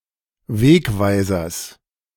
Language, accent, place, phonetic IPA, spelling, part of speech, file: German, Germany, Berlin, [ˈveːkˌvaɪ̯zɐs], Wegweisers, noun, De-Wegweisers.ogg
- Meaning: genitive singular of Wegweiser